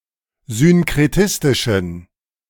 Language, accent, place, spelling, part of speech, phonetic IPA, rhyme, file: German, Germany, Berlin, synkretistischen, adjective, [zʏnkʁeˈtɪstɪʃn̩], -ɪstɪʃn̩, De-synkretistischen.ogg
- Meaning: inflection of synkretistisch: 1. strong genitive masculine/neuter singular 2. weak/mixed genitive/dative all-gender singular 3. strong/weak/mixed accusative masculine singular 4. strong dative plural